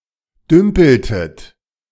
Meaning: inflection of dümpeln: 1. second-person plural preterite 2. second-person plural subjunctive II
- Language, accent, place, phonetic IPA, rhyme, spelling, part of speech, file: German, Germany, Berlin, [ˈdʏmpl̩tət], -ʏmpl̩tət, dümpeltet, verb, De-dümpeltet.ogg